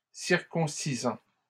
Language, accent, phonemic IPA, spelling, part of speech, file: French, Canada, /siʁ.kɔ̃.si.zɑ̃/, circoncisant, verb, LL-Q150 (fra)-circoncisant.wav
- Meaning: present participle of circoncire